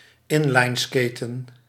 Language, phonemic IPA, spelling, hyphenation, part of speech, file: Dutch, /ˈɪn.lɑi̯nˌskeː.tə(n)/, inlineskaten, in‧line‧skaten, verb, Nl-inlineskaten.ogg
- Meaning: to skate on in-line skates